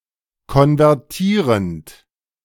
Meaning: present participle of konvertieren
- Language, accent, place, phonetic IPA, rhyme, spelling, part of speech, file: German, Germany, Berlin, [kɔnvɛʁˈtiːʁənt], -iːʁənt, konvertierend, verb, De-konvertierend.ogg